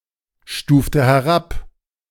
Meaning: inflection of herabstufen: 1. first/third-person singular preterite 2. first/third-person singular subjunctive II
- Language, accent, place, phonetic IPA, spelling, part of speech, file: German, Germany, Berlin, [ˌʃtuːftə hɛˈʁap], stufte herab, verb, De-stufte herab.ogg